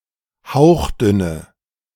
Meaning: inflection of hauchdünn: 1. strong/mixed nominative/accusative feminine singular 2. strong nominative/accusative plural 3. weak nominative all-gender singular
- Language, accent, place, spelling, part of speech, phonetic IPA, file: German, Germany, Berlin, hauchdünne, adjective, [ˈhaʊ̯xˌdʏnə], De-hauchdünne.ogg